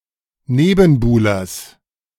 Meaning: genitive of Nebenbuhler
- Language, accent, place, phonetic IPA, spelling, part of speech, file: German, Germany, Berlin, [ˈneːbn̩ˌbuːlɐs], Nebenbuhlers, noun, De-Nebenbuhlers.ogg